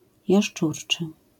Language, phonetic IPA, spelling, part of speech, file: Polish, [jaʃˈt͡ʃurt͡ʃɨ], jaszczurczy, adjective, LL-Q809 (pol)-jaszczurczy.wav